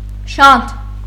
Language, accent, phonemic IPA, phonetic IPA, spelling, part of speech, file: Armenian, Eastern Armenian, /ʃɑntʰ/, [ʃɑntʰ], շանթ, noun, Hy-շանթ.ogg
- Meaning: 1. lightning 2. lightning strike